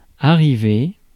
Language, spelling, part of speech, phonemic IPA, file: French, arriver, verb, /a.ʁi.ve/, Fr-arriver.ogg
- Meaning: to arrive (often followed by a location)